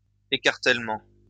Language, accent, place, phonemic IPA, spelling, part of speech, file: French, France, Lyon, /e.kaʁ.tɛl.mɑ̃/, écartèlement, noun, LL-Q150 (fra)-écartèlement.wav
- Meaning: quartering